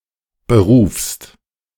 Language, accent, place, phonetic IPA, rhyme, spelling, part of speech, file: German, Germany, Berlin, [bəˈʁuːfst], -uːfst, berufst, verb, De-berufst.ogg
- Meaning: second-person singular present of berufen